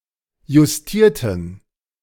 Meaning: inflection of justieren: 1. first/third-person plural preterite 2. first/third-person plural subjunctive II
- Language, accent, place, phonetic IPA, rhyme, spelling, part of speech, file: German, Germany, Berlin, [jʊsˈtiːɐ̯tn̩], -iːɐ̯tn̩, justierten, adjective / verb, De-justierten.ogg